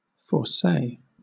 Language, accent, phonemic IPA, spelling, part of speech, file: English, Southern England, /fɔː(ɹ)ˈseɪ/, foresay, verb, LL-Q1860 (eng)-foresay.wav
- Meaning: 1. To say beforehand; predict; foretell 2. To decree; ordain; appoint